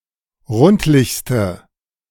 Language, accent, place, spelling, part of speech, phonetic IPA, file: German, Germany, Berlin, rundlichste, adjective, [ˈʁʊntlɪçstə], De-rundlichste.ogg
- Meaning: inflection of rundlich: 1. strong/mixed nominative/accusative feminine singular superlative degree 2. strong nominative/accusative plural superlative degree